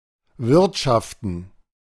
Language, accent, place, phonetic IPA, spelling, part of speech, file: German, Germany, Berlin, [ˈvɪʁtʃaftn̩], Wirtschaften, noun, De-Wirtschaften.ogg
- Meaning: plural of Wirtschaft